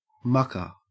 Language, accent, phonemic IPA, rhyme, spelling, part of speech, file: English, Australia, /ˈmʌkə(ɹ)/, -ʌkə(ɹ), mucker, noun / verb, En-au-mucker.ogg
- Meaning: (noun) A person who removes muck (waste, debris, broken rock, etc.), especially from a mine, construction site, or stable